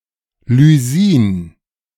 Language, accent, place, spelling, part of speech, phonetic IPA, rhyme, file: German, Germany, Berlin, Lysin, noun, [lyˈziːn], -iːn, De-Lysin.ogg
- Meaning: lysine